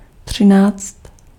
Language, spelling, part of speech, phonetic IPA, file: Czech, třináct, numeral, [ˈtr̝̊ɪnaːt͡st], Cs-třináct.ogg
- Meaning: thirteen (13)